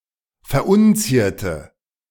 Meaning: inflection of verunzieren: 1. first/third-person singular preterite 2. first/third-person singular subjunctive II
- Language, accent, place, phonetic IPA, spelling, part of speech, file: German, Germany, Berlin, [fɛɐ̯ˈʔʊnˌt͡siːɐ̯tə], verunzierte, adjective / verb, De-verunzierte.ogg